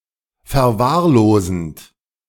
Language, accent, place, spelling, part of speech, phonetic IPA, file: German, Germany, Berlin, verwahrlosend, verb, [fɛɐ̯ˈvaːɐ̯ˌloːzn̩t], De-verwahrlosend.ogg
- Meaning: present participle of verwahrlosen